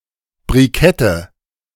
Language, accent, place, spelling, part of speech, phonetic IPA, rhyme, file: German, Germany, Berlin, Brikette, noun, [bʁiˈkɛtə], -ɛtə, De-Brikette.ogg
- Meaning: nominative/accusative/genitive plural of Brikett